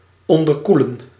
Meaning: 1. to undercool 2. to cause hypothermia 3. to supercool
- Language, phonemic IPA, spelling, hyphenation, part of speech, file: Dutch, /ˌɔn.dərˈku.lə(n)/, onderkoelen, on‧der‧koe‧len, verb, Nl-onderkoelen.ogg